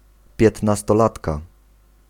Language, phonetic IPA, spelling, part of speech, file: Polish, [ˌpʲjɛtnastɔˈlatka], piętnastolatka, noun, Pl-piętnastolatka.ogg